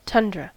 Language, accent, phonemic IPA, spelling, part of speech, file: English, US, /ˈtʌndɹə/, tundra, noun, En-us-tundra.ogg
- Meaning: 1. A flat and treeless Arctic biome 2. A long stretch of something, such as time